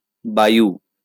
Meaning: 1. air 2. wind
- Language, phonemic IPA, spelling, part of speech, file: Bengali, /ba.ju/, বায়ু, noun, LL-Q9610 (ben)-বায়ু.wav